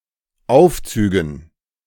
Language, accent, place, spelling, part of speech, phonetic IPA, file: German, Germany, Berlin, Aufzügen, noun, [ˈaʊ̯ft͡syːɡn̩], De-Aufzügen.ogg
- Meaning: dative plural of Aufzug